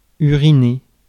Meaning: to urinate
- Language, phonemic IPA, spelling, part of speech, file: French, /y.ʁi.ne/, uriner, verb, Fr-uriner.ogg